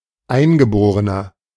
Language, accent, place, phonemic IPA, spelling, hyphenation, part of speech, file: German, Germany, Berlin, /ˈaɪ̯nɡəˌboːʁənɐ/, Eingeborener, Ein‧ge‧bo‧re‧ner, noun, De-Eingeborener.ogg
- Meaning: 1. Aboriginal, indigene (male or of unspecified gender) 2. inflection of Eingeborene: strong genitive/dative singular 3. inflection of Eingeborene: strong genitive plural